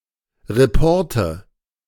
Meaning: nominative/accusative/genitive plural of Report
- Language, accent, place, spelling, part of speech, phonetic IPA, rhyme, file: German, Germany, Berlin, Reporte, noun, [ˌʁeˈpɔʁtə], -ɔʁtə, De-Reporte.ogg